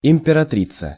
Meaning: female equivalent of импера́тор (imperátor): empress
- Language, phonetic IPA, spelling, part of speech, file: Russian, [ɪm⁽ʲ⁾pʲɪrɐˈtrʲit͡sə], императрица, noun, Ru-императрица.ogg